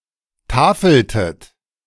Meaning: inflection of tafeln: 1. second-person plural preterite 2. second-person plural subjunctive II
- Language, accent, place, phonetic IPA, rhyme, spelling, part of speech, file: German, Germany, Berlin, [ˈtaːfl̩tət], -aːfl̩tət, tafeltet, verb, De-tafeltet.ogg